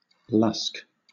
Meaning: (adjective) 1. Lazy or slothful 2. Full; ripe; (noun) A lazy or slothful person; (verb) To be idle or unemployed
- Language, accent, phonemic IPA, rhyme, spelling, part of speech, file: English, Southern England, /lʌsk/, -ʌsk, lusk, adjective / noun / verb, LL-Q1860 (eng)-lusk.wav